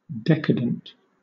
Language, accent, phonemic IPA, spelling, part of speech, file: English, Southern England, /ˈdɛkədənt/, decadent, adjective / noun, LL-Q1860 (eng)-decadent.wav
- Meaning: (adjective) 1. Characterized by moral or cultural decline 2. Luxuriously self-indulgent; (noun) A person affected by moral decay